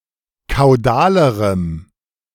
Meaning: strong dative masculine/neuter singular comparative degree of kaudal
- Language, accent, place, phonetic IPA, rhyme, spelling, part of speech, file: German, Germany, Berlin, [kaʊ̯ˈdaːləʁəm], -aːləʁəm, kaudalerem, adjective, De-kaudalerem.ogg